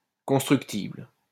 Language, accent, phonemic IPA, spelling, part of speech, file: French, France, /kɔ̃s.tʁyk.tibl/, constructible, adjective, LL-Q150 (fra)-constructible.wav
- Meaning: 1. constructible, buildable 2. where new buildings are allowed to be built